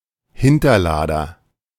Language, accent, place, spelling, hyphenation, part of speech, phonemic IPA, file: German, Germany, Berlin, Hinterlader, Hin‧ter‧la‧der, noun, /ˈhɪntɐˌlaːdɐ/, De-Hinterlader.ogg
- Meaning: 1. breechloader 2. faggot, poof (male homosexual)